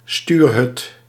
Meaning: 1. wheelhouse, bridge 2. cabin 3. cockpit
- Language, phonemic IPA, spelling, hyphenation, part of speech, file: Dutch, /ˈstyːr.ɦʏt/, stuurhut, stuur‧hut, noun, Nl-stuurhut.ogg